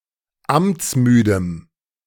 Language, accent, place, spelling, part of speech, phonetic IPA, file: German, Germany, Berlin, amtsmüdem, adjective, [ˈamt͡sˌmyːdəm], De-amtsmüdem.ogg
- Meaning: strong dative masculine/neuter singular of amtsmüde